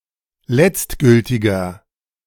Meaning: inflection of letztgültig: 1. strong/mixed nominative masculine singular 2. strong genitive/dative feminine singular 3. strong genitive plural
- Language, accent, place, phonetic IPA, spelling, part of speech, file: German, Germany, Berlin, [ˈlɛt͡stˌɡʏltɪɡɐ], letztgültiger, adjective, De-letztgültiger.ogg